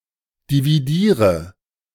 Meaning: inflection of dividieren: 1. first-person singular present 2. first/third-person singular subjunctive I 3. singular imperative
- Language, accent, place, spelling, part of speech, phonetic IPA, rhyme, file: German, Germany, Berlin, dividiere, verb, [diviˈdiːʁə], -iːʁə, De-dividiere.ogg